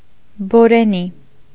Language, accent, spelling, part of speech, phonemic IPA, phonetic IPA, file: Armenian, Eastern Armenian, բորենի, noun, /boɾeˈni/, [boɾení], Hy-բորենի.ogg
- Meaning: hyena